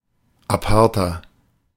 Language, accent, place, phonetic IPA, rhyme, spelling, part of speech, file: German, Germany, Berlin, [aˈpaʁtɐ], -aʁtɐ, aparter, adjective, De-aparter.ogg
- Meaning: inflection of apart: 1. strong/mixed nominative masculine singular 2. strong genitive/dative feminine singular 3. strong genitive plural